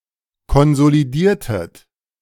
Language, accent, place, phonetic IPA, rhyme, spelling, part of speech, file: German, Germany, Berlin, [kɔnzoliˈdiːɐ̯tət], -iːɐ̯tət, konsolidiertet, verb, De-konsolidiertet.ogg
- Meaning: inflection of konsolidieren: 1. second-person plural preterite 2. second-person plural subjunctive II